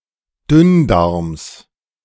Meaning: genitive singular of Dünndarm
- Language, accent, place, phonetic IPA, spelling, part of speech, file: German, Germany, Berlin, [ˈdʏnˌdaʁms], Dünndarms, noun, De-Dünndarms.ogg